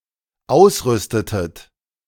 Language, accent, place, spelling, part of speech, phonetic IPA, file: German, Germany, Berlin, ausrüstetet, verb, [ˈaʊ̯sˌʁʏstətət], De-ausrüstetet.ogg
- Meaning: inflection of ausrüsten: 1. second-person plural dependent preterite 2. second-person plural dependent subjunctive II